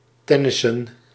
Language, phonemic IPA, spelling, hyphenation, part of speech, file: Dutch, /ˈtɛ.nɪ.sə(n)/, tennissen, ten‧nis‧sen, verb, Nl-tennissen.ogg
- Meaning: to play tennis